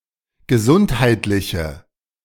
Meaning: inflection of gesundheitlich: 1. strong/mixed nominative/accusative feminine singular 2. strong nominative/accusative plural 3. weak nominative all-gender singular
- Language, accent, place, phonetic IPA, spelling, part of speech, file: German, Germany, Berlin, [ɡəˈzʊnthaɪ̯tlɪçə], gesundheitliche, adjective, De-gesundheitliche.ogg